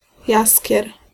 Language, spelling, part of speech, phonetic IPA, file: Polish, jaskier, noun, [ˈjasʲcɛr], Pl-jaskier.ogg